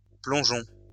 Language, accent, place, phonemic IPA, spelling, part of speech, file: French, France, Lyon, /plɔ̃.ʒɔ̃/, plongeons, verb, LL-Q150 (fra)-plongeons.wav
- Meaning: inflection of plonger: 1. first-person plural present indicative 2. first-person plural imperative